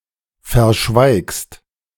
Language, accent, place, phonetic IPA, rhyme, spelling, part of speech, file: German, Germany, Berlin, [fɛɐ̯ˈʃvaɪ̯kst], -aɪ̯kst, verschweigst, verb, De-verschweigst.ogg
- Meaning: second-person singular present of verschweigen